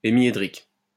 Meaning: hemihedral
- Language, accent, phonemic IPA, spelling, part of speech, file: French, France, /e.mje.dʁik/, hémiédrique, adjective, LL-Q150 (fra)-hémiédrique.wav